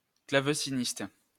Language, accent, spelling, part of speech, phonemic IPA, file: French, France, claveciniste, noun, /klav.si.nist/, LL-Q150 (fra)-claveciniste.wav
- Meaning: harpsichordist